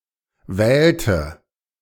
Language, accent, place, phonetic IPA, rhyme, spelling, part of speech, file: German, Germany, Berlin, [ˈvɛːltə], -ɛːltə, wählte, verb, De-wählte.ogg
- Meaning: inflection of wählen: 1. first/third-person singular preterite 2. first/third-person singular subjunctive II